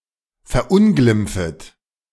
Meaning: second-person plural subjunctive I of verunglimpfen
- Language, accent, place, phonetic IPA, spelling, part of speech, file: German, Germany, Berlin, [fɛɐ̯ˈʔʊnɡlɪmp͡fət], verunglimpfet, verb, De-verunglimpfet.ogg